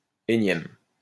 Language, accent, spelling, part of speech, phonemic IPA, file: French, France, énième, adjective, /e.njɛm/, LL-Q150 (fra)-énième.wav
- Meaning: 1. nth 2. umpteenth